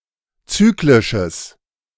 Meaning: strong/mixed nominative/accusative neuter singular of zyklisch
- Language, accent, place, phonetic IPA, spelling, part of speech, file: German, Germany, Berlin, [ˈt͡syːklɪʃəs], zyklisches, adjective, De-zyklisches.ogg